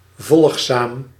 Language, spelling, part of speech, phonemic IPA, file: Dutch, volgzaam, adjective, /ˈvɔlᵊxˌsam/, Nl-volgzaam.ogg
- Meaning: obedient, docile